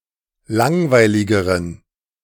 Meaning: inflection of langweilig: 1. strong genitive masculine/neuter singular comparative degree 2. weak/mixed genitive/dative all-gender singular comparative degree
- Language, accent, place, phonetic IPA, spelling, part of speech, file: German, Germany, Berlin, [ˈlaŋvaɪ̯lɪɡəʁən], langweiligeren, adjective, De-langweiligeren.ogg